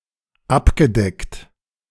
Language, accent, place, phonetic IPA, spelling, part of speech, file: German, Germany, Berlin, [ˈapɡəˌdɛkt], abgedeckt, verb, De-abgedeckt.ogg
- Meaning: past participle of abdecken